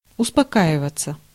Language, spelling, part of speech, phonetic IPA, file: Russian, успокаиваться, verb, [ʊspɐˈkaɪvət͡sə], Ru-успокаиваться.ogg
- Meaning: 1. to calm down, to quiet down 2. to abate 3. passive of успока́ивать (uspokáivatʹ)